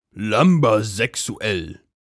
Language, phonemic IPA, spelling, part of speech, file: German, /ˈlʌmbəzɛˈksu̯ɛl/, lumbersexuell, adjective, De-lumbersexuell.ogg
- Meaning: lumbersexual